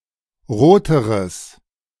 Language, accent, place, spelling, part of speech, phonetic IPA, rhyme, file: German, Germany, Berlin, roteres, adjective, [ˈʁoːtəʁəs], -oːtəʁəs, De-roteres.ogg
- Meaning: strong/mixed nominative/accusative neuter singular comparative degree of rot